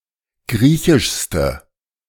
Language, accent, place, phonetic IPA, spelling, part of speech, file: German, Germany, Berlin, [ˈɡʁiːçɪʃstə], griechischste, adjective, De-griechischste.ogg
- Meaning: inflection of griechisch: 1. strong/mixed nominative/accusative feminine singular superlative degree 2. strong nominative/accusative plural superlative degree